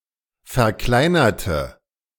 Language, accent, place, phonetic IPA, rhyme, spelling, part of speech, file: German, Germany, Berlin, [fɛɐ̯ˈklaɪ̯nɐtə], -aɪ̯nɐtə, verkleinerte, adjective / verb, De-verkleinerte.ogg
- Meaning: inflection of verkleinern: 1. first/third-person singular preterite 2. first/third-person singular subjunctive II